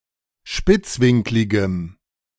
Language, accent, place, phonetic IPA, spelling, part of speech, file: German, Germany, Berlin, [ˈʃpɪt͡sˌvɪŋklɪɡəm], spitzwinkligem, adjective, De-spitzwinkligem.ogg
- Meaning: strong dative masculine/neuter singular of spitzwinklig